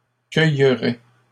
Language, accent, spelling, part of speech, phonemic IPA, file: French, Canada, cueillerais, verb, /kœj.ʁɛ/, LL-Q150 (fra)-cueillerais.wav
- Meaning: first/second-person singular conditional of cueillir